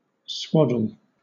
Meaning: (verb) 1. To bind (a baby) with long narrow strips of cloth 2. To beat; cudgel; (noun) Anything used to swaddle with, such as a cloth or band
- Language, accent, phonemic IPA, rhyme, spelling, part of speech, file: English, Southern England, /ˈswɒdəl/, -ɒdəl, swaddle, verb / noun, LL-Q1860 (eng)-swaddle.wav